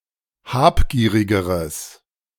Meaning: strong/mixed nominative/accusative neuter singular comparative degree of habgierig
- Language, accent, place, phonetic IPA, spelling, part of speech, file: German, Germany, Berlin, [ˈhaːpˌɡiːʁɪɡəʁəs], habgierigeres, adjective, De-habgierigeres.ogg